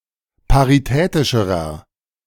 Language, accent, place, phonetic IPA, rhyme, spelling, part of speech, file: German, Germany, Berlin, [paʁiˈtɛːtɪʃəʁɐ], -ɛːtɪʃəʁɐ, paritätischerer, adjective, De-paritätischerer.ogg
- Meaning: inflection of paritätisch: 1. strong/mixed nominative masculine singular comparative degree 2. strong genitive/dative feminine singular comparative degree 3. strong genitive plural comparative degree